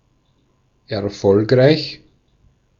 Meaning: successful
- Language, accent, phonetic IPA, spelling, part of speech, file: German, Austria, [ɛɐ̯ˈfɔlkʁaɪ̯ç], erfolgreich, adjective, De-at-erfolgreich.ogg